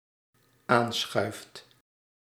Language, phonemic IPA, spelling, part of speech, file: Dutch, /ˈansxœyft/, aanschuift, verb, Nl-aanschuift.ogg
- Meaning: second/third-person singular dependent-clause present indicative of aanschuiven